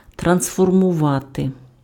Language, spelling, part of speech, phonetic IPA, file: Ukrainian, трансформувати, verb, [trɐnsfɔrmʊˈʋate], Uk-трансформувати.ogg
- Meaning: to transform